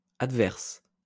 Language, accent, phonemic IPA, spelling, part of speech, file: French, France, /ad.vɛʁs/, adverse, adjective, LL-Q150 (fra)-adverse.wav
- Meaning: adverse